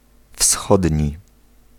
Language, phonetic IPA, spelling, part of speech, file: Polish, [ˈfsxɔdʲɲi], wschodni, adjective, Pl-wschodni.ogg